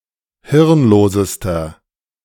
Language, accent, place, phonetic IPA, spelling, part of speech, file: German, Germany, Berlin, [ˈhɪʁnˌloːzəstɐ], hirnlosester, adjective, De-hirnlosester.ogg
- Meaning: inflection of hirnlos: 1. strong/mixed nominative masculine singular superlative degree 2. strong genitive/dative feminine singular superlative degree 3. strong genitive plural superlative degree